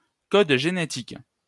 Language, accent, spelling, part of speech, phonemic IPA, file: French, France, code génétique, noun, /kɔd ʒe.ne.tik/, LL-Q150 (fra)-code génétique.wav
- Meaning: genetic code (the set of rules by which the sequence of bases in DNA are translated into the amino acid sequence of proteins)